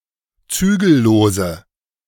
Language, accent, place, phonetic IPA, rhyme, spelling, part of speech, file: German, Germany, Berlin, [ˈt͡syːɡl̩ˌloːzə], -yːɡl̩loːzə, zügellose, adjective, De-zügellose.ogg
- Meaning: inflection of zügellos: 1. strong/mixed nominative/accusative feminine singular 2. strong nominative/accusative plural 3. weak nominative all-gender singular